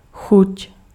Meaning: 1. taste (sense) 2. appetite
- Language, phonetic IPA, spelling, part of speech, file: Czech, [ˈxuc], chuť, noun, Cs-chuť.ogg